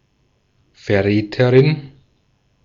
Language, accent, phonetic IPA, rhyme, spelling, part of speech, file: German, Austria, [fɛɐ̯ˈʁɛːtəʁɪn], -ɛːtəʁɪn, Verräterin, noun, De-at-Verräterin.ogg
- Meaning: female equivalent of Verräter: female traitor